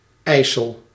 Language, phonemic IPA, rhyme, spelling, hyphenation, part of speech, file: Dutch, /ˈɛi̯.səl/, -ɛi̯səl, IJssel, IJs‧sel, proper noun, Nl-IJssel.ogg
- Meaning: a river in the provinces of Gelderland and Overijssel, the Netherlands; a branch of the Rhine